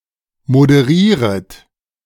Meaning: second-person plural subjunctive I of moderieren
- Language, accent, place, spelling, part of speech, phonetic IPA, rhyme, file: German, Germany, Berlin, moderieret, verb, [modəˈʁiːʁət], -iːʁət, De-moderieret.ogg